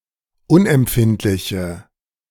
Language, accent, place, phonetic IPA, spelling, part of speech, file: German, Germany, Berlin, [ˈʊnʔɛmˌpfɪntlɪçə], unempfindliche, adjective, De-unempfindliche.ogg
- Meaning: inflection of unempfindlich: 1. strong/mixed nominative/accusative feminine singular 2. strong nominative/accusative plural 3. weak nominative all-gender singular